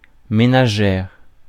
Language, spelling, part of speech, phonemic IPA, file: French, ménagère, noun / adjective, /me.na.ʒɛʁ/, Fr-ménagère.ogg
- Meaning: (noun) 1. female equivalent of ménager: housewife 2. canteen (of cutlery); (adjective) feminine singular of ménager